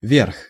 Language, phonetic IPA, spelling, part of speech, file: Russian, [vʲerx], верх, noun, Ru-верх.ogg
- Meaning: 1. top, upper part, roof, dome, height 2. summit, apex 3. the highest degree of something 4. upper class 5. top-roll 6. right side (of clothing, fabric), shoe upper, boot top